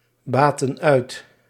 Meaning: inflection of uitbaten: 1. plural past indicative 2. plural past subjunctive
- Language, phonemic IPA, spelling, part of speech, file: Dutch, /ˈbatə(n) ˈœyt/, baatten uit, verb, Nl-baatten uit.ogg